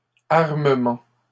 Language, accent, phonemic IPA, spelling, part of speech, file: French, Canada, /aʁ.mə.mɑ̃/, armement, noun, LL-Q150 (fra)-armement.wav
- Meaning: 1. armament 2. arming 3. final stages of the building of a ship (painting, equipment, etc.) 4. preparing a ship for a commercial mission 5. by extension: shipping company